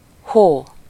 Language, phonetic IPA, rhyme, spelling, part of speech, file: Hungarian, [ˈhoː], -hoː, hó, noun / interjection, Hu-hó.ogg
- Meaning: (noun) 1. snow 2. synonym of hónap (“month”); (interjection) 1. whoa (when commanding a horse to stop) 2. whoa (an expression of surprise)